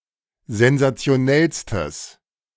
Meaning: strong/mixed nominative/accusative neuter singular superlative degree of sensationell
- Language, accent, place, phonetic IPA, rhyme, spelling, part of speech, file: German, Germany, Berlin, [zɛnzat͡si̯oˈnɛlstəs], -ɛlstəs, sensationellstes, adjective, De-sensationellstes.ogg